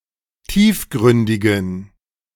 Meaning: inflection of tiefgründig: 1. strong genitive masculine/neuter singular 2. weak/mixed genitive/dative all-gender singular 3. strong/weak/mixed accusative masculine singular 4. strong dative plural
- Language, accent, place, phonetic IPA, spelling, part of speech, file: German, Germany, Berlin, [ˈtiːfˌɡʁʏndɪɡn̩], tiefgründigen, adjective, De-tiefgründigen.ogg